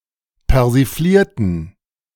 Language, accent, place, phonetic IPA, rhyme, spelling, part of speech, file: German, Germany, Berlin, [pɛʁziˈfliːɐ̯tn̩], -iːɐ̯tn̩, persiflierten, adjective / verb, De-persiflierten.ogg
- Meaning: inflection of persiflieren: 1. first/third-person plural preterite 2. first/third-person plural subjunctive II